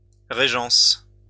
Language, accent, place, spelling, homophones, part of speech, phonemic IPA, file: French, France, Lyon, régence, régences, noun, /ʁe.ʒɑ̃s/, LL-Q150 (fra)-régence.wav
- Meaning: regency